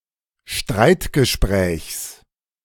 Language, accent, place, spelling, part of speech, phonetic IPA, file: German, Germany, Berlin, Streitgesprächs, noun, [ˈʃtʁaɪ̯tɡəˌʃpʁɛːçs], De-Streitgesprächs.ogg
- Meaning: genitive singular of Streitgespräch